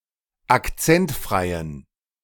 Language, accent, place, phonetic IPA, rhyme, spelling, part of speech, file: German, Germany, Berlin, [akˈt͡sɛntˌfʁaɪ̯ən], -ɛntfʁaɪ̯ən, akzentfreien, adjective, De-akzentfreien.ogg
- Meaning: inflection of akzentfrei: 1. strong genitive masculine/neuter singular 2. weak/mixed genitive/dative all-gender singular 3. strong/weak/mixed accusative masculine singular 4. strong dative plural